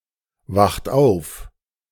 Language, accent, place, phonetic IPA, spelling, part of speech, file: German, Germany, Berlin, [ˌvaxt ˈaʊ̯f], wacht auf, verb, De-wacht auf.ogg
- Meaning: inflection of aufwachen: 1. third-person singular present 2. second-person plural present 3. plural imperative